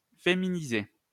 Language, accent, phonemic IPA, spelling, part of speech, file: French, France, /fe.mi.ni.ze/, féminiser, verb, LL-Q150 (fra)-féminiser.wav
- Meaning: to feminize (make [more] feminine)